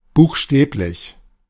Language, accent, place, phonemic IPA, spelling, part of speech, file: German, Germany, Berlin, /ˈbuːxˌʃtɛːplɪç/, buchstäblich, adjective / adverb, De-buchstäblich.ogg
- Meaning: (adjective) literal; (adverb) literally